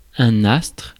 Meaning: 1. celestial body, astronomical object 2. star
- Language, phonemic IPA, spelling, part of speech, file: French, /astʁ/, astre, noun, Fr-astre.ogg